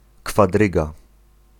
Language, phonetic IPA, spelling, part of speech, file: Polish, [kfaˈdrɨɡa], kwadryga, noun, Pl-kwadryga.ogg